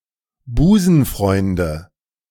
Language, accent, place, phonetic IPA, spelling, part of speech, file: German, Germany, Berlin, [ˈbuːzn̩ˌfʁɔɪ̯ndə], Busenfreunde, noun, De-Busenfreunde.ogg
- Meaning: nominative/accusative/genitive plural of Busenfreund